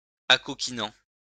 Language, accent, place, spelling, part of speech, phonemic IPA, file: French, France, Lyon, acoquinant, verb, /a.kɔ.ki.nɑ̃/, LL-Q150 (fra)-acoquinant.wav
- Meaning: present participle of acoquiner